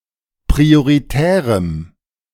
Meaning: strong dative masculine/neuter singular of prioritär
- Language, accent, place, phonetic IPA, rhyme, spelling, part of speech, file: German, Germany, Berlin, [pʁioʁiˈtɛːʁəm], -ɛːʁəm, prioritärem, adjective, De-prioritärem.ogg